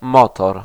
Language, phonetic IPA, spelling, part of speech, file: Polish, [ˈmɔtɔr], motor, noun, Pl-motor.ogg